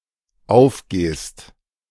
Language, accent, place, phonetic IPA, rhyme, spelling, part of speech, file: German, Germany, Berlin, [ˈaʊ̯fˌɡeːst], -aʊ̯fɡeːst, aufgehst, verb, De-aufgehst.ogg
- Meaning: second-person singular dependent present of aufgehen